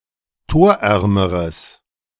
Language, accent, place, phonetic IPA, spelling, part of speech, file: German, Germany, Berlin, [ˈtoːɐ̯ˌʔɛʁməʁəs], torärmeres, adjective, De-torärmeres.ogg
- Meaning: strong/mixed nominative/accusative neuter singular comparative degree of torarm